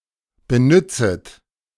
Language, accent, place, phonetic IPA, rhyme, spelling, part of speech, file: German, Germany, Berlin, [bəˈnʏt͡sət], -ʏt͡sət, benützet, verb, De-benützet.ogg
- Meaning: second-person plural subjunctive I of benützen